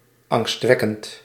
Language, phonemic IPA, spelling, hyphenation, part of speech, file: Dutch, /ˌɑŋstˈʋɛ.kənt/, angstwekkend, angst‧wek‧kend, adjective, Nl-angstwekkend.ogg
- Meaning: frightening, rousing fear